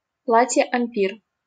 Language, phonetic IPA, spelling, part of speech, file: Russian, [ɐm⁽ʲ⁾ˈpʲir], ампир, noun, LL-Q7737 (rus)-ампир.wav
- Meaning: Empire style